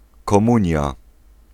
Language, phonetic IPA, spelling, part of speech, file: Polish, [kɔ̃ˈmũɲja], komunia, noun, Pl-komunia.ogg